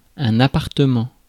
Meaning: apartment, flat
- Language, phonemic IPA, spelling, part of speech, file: French, /a.paʁ.tə.mɑ̃/, appartement, noun, Fr-appartement.ogg